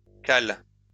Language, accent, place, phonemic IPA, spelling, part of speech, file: French, France, Lyon, /kal/, cales, noun / verb, LL-Q150 (fra)-cales.wav
- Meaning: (noun) plural of cale; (verb) second-person singular present indicative/subjunctive of caler